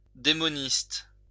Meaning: warlock
- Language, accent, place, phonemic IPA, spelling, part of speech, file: French, France, Lyon, /de.mɔ.nist/, démoniste, noun, LL-Q150 (fra)-démoniste.wav